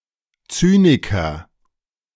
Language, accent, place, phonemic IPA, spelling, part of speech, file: German, Germany, Berlin, /ˈt͡syːnɪkɐ/, Zyniker, noun, De-Zyniker.ogg
- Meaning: cynic